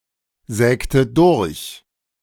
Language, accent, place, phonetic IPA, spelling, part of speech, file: German, Germany, Berlin, [ˌzɛːktə ˈdʊʁç], sägte durch, verb, De-sägte durch.ogg
- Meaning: inflection of durchsägen: 1. first/third-person singular preterite 2. first/third-person singular subjunctive II